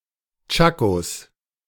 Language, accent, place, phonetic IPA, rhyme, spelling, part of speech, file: German, Germany, Berlin, [ˈt͡ʃakos], -akos, Tschakos, noun, De-Tschakos.ogg
- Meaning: 1. genitive singular of Tschako 2. plural of Tschako